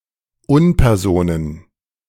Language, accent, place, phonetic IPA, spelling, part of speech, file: German, Germany, Berlin, [ˈʊnpɛʁˌzoːnən], Unpersonen, noun, De-Unpersonen.ogg
- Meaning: plural of Unperson